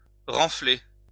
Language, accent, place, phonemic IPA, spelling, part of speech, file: French, France, Lyon, /ʁɑ̃.fle/, renfler, verb, LL-Q150 (fra)-renfler.wav
- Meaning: 1. to make (something) bulge 2. to bulge (out)